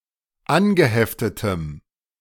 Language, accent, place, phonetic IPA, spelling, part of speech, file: German, Germany, Berlin, [ˈanɡəˌhɛftətəm], angeheftetem, adjective, De-angeheftetem.ogg
- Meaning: strong dative masculine/neuter singular of angeheftet